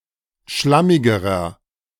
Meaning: inflection of schlammig: 1. strong/mixed nominative masculine singular comparative degree 2. strong genitive/dative feminine singular comparative degree 3. strong genitive plural comparative degree
- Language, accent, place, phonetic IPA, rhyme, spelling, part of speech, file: German, Germany, Berlin, [ˈʃlamɪɡəʁɐ], -amɪɡəʁɐ, schlammigerer, adjective, De-schlammigerer.ogg